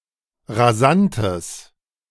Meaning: strong/mixed nominative/accusative neuter singular of rasant
- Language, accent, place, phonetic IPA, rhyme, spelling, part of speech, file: German, Germany, Berlin, [ʁaˈzantəs], -antəs, rasantes, adjective, De-rasantes.ogg